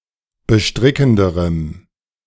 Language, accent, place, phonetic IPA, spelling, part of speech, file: German, Germany, Berlin, [bəˈʃtʁɪkn̩dəʁəm], bestrickenderem, adjective, De-bestrickenderem.ogg
- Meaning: strong dative masculine/neuter singular comparative degree of bestrickend